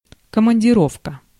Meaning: business trip, assignment, mission
- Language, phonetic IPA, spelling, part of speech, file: Russian, [kəmənʲdʲɪˈrofkə], командировка, noun, Ru-командировка.ogg